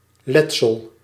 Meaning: lesion, injury
- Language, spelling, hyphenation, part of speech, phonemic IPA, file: Dutch, letsel, let‧sel, noun, /ˈlɛt.səl/, Nl-letsel.ogg